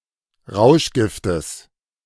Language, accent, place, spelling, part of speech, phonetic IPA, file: German, Germany, Berlin, Rauschgiftes, noun, [ˈʁaʊ̯ʃˌɡɪftəs], De-Rauschgiftes.ogg
- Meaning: genitive singular of Rauschgift